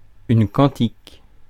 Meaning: canticle
- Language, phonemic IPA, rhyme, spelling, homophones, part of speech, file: French, /kɑ̃.tik/, -ɑ̃tik, cantique, cantiques / quantique / quantiques, noun, Fr-cantique.ogg